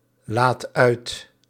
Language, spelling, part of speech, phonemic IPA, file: Dutch, laadt uit, verb, /ˈlat ˈœyt/, Nl-laadt uit.ogg
- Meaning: inflection of uitladen: 1. second/third-person singular present indicative 2. plural imperative